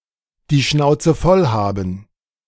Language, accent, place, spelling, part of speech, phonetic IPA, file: German, Germany, Berlin, die Schnauze voll haben, phrase, [diː ˈʃnaʊ̯t͡sə fɔl ˈhaːbm̩], De-die Schnauze voll haben.ogg
- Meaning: to be fed up